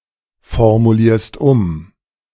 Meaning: second-person singular present of umformulieren
- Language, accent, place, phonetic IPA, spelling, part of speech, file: German, Germany, Berlin, [fɔʁmuˌliːɐ̯st ˈʊm], formulierst um, verb, De-formulierst um.ogg